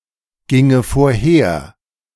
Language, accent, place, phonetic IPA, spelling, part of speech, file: German, Germany, Berlin, [ˌɡɪŋə foːɐ̯ˈheːɐ̯], ginge vorher, verb, De-ginge vorher.ogg
- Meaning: first/third-person singular subjunctive II of vorhergehen